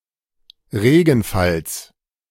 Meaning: genitive singular of Regenfall
- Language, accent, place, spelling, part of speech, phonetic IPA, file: German, Germany, Berlin, Regenfalls, noun, [ˈʁeːɡn̩ˌfals], De-Regenfalls.ogg